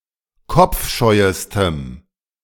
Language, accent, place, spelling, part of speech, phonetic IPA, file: German, Germany, Berlin, kopfscheuestem, adjective, [ˈkɔp͡fˌʃɔɪ̯əstəm], De-kopfscheuestem.ogg
- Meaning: strong dative masculine/neuter singular superlative degree of kopfscheu